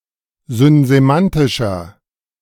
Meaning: inflection of synsemantisch: 1. strong/mixed nominative masculine singular 2. strong genitive/dative feminine singular 3. strong genitive plural
- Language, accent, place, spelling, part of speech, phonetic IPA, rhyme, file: German, Germany, Berlin, synsemantischer, adjective, [zʏnzeˈmantɪʃɐ], -antɪʃɐ, De-synsemantischer.ogg